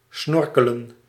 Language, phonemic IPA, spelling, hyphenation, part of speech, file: Dutch, /ˈsnɔr.kə.lə(n)/, snorkelen, snor‧ke‧len, verb, Nl-snorkelen.ogg
- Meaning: to snorkel, to dive using a snorkel